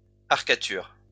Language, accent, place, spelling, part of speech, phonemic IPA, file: French, France, Lyon, arcature, noun, /aʁ.ka.tyʁ/, LL-Q150 (fra)-arcature.wav
- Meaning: blind arcade